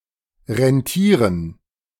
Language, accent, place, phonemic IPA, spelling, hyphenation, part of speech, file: German, Germany, Berlin, /ʁɛnˈtiːʁən/, rentieren, ren‧tie‧ren, verb, De-rentieren.ogg
- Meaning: to be profitable, worthwhile